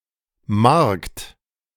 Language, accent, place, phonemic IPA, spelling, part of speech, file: German, Germany, Berlin, /markt/, Markt, noun, De-Markt.ogg
- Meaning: 1. market (gathering for sale and purchase) 2. market (trading, economic exchange) 3. market, large shop 4. ellipsis of Marktplatz (“market square”) 5. market town